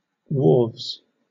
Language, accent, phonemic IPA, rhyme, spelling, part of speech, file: English, Southern England, /(h)wɔː(ɹ)vz/, -ɔː(ɹ)vz, wharves, noun, LL-Q1860 (eng)-wharves.wav
- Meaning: plural of wharf